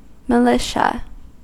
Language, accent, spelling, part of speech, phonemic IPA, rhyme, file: English, US, militia, noun, /məˈlɪʃə/, -ɪʃə, En-us-militia.ogg